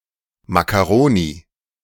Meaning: macaroni
- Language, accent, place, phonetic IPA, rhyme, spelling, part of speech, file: German, Germany, Berlin, [makaˈʁoːni], -oːni, Makkaroni, noun, De-Makkaroni.ogg